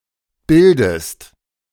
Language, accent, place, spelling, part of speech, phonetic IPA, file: German, Germany, Berlin, bildest, verb, [ˈbɪldəst], De-bildest.ogg
- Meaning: inflection of bilden: 1. second-person singular present 2. second-person singular subjunctive I